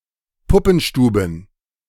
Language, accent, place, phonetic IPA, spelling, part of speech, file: German, Germany, Berlin, [ˈpʊpn̩ˌʃtuːbn̩], Puppenstuben, noun, De-Puppenstuben.ogg
- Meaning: plural of Puppenstube